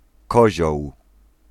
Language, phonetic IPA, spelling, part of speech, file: Polish, [ˈkɔʑɔw], kozioł, noun, Pl-kozioł.ogg